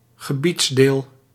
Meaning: territory (dependent part of a country or an outlying dependency, often an administrative unit)
- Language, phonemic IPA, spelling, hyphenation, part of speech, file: Dutch, /ɣəˈbitsˌdeːl/, gebiedsdeel, ge‧bieds‧deel, noun, Nl-gebiedsdeel.ogg